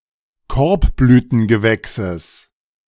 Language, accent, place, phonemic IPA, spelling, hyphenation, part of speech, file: German, Germany, Berlin, /ˈkɔɐ̯pblyːtən.ɡəˌvɛksəs/, Korbblütengewächses, Korb‧blü‧ten‧ge‧wäch‧ses, noun, De-Korbblütengewächses.ogg
- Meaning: genitive singular of Korbblütengewächs